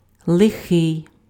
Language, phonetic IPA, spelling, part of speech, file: Ukrainian, [ɫeˈxɪi̯], лихий, adjective, Uk-лихий.ogg
- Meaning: 1. evil, wicked, naughty; capable of causing harm or evil 2. bad, shoddy